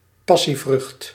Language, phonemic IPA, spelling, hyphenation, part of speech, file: Dutch, /ˈpɑ.siˌvrʏxt/, passievrucht, pas‧sie‧vrucht, noun, Nl-passievrucht.ogg
- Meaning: a passion fruit, fruit of a plant of the genus Passiflora